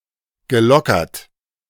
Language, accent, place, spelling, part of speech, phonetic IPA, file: German, Germany, Berlin, gelockert, verb, [ɡəˈlɔkɐt], De-gelockert.ogg
- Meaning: past participle of lockern